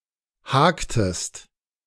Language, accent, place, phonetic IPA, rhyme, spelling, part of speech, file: German, Germany, Berlin, [ˈhaːktəst], -aːktəst, haktest, verb, De-haktest.ogg
- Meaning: inflection of haken: 1. second-person singular preterite 2. second-person singular subjunctive II